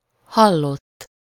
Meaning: 1. third-person singular indicative past indefinite of hall 2. past participle of hall
- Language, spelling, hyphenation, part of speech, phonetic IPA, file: Hungarian, hallott, hal‧lott, verb, [ˈhɒlːotː], Hu-hallott.ogg